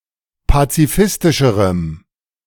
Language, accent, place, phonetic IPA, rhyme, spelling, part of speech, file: German, Germany, Berlin, [pat͡siˈfɪstɪʃəʁəm], -ɪstɪʃəʁəm, pazifistischerem, adjective, De-pazifistischerem.ogg
- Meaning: strong dative masculine/neuter singular comparative degree of pazifistisch